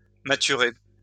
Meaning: to mature
- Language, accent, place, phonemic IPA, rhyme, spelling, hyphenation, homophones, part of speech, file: French, France, Lyon, /ma.ty.ʁe/, -e, maturer, ma‧tu‧rer, mâturer / maturé / mâturé / maturée / mâturée / maturés / mâturés / maturées / mâturées, verb, LL-Q150 (fra)-maturer.wav